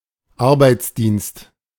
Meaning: 1. voluntary service 2. labor service
- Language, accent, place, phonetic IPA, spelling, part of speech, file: German, Germany, Berlin, [ˈaʁbaɪ̯t͡sˌdiːnst], Arbeitsdienst, noun, De-Arbeitsdienst.ogg